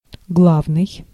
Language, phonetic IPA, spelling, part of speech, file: Russian, [ˈɡɫavnɨj], главный, adjective / noun, Ru-главный.ogg
- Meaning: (adjective) chief, leading, main, principal, head, central; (noun) leader